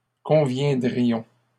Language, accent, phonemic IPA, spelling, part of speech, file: French, Canada, /kɔ̃.vjɛ̃.dʁi.jɔ̃/, conviendrions, verb, LL-Q150 (fra)-conviendrions.wav
- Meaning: first-person plural conditional of convenir